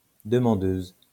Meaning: female equivalent of demandeur
- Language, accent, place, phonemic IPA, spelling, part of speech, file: French, France, Lyon, /də.mɑ̃.døz/, demandeuse, noun, LL-Q150 (fra)-demandeuse.wav